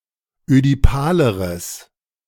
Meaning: strong/mixed nominative/accusative neuter singular comparative degree of ödipal
- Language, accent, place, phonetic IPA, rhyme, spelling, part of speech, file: German, Germany, Berlin, [ødiˈpaːləʁəs], -aːləʁəs, ödipaleres, adjective, De-ödipaleres.ogg